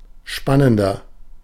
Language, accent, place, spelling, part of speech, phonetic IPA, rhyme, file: German, Germany, Berlin, spannender, adjective, [ˈʃpanəndɐ], -anəndɐ, De-spannender.ogg
- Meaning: 1. comparative degree of spannend 2. inflection of spannend: strong/mixed nominative masculine singular 3. inflection of spannend: strong genitive/dative feminine singular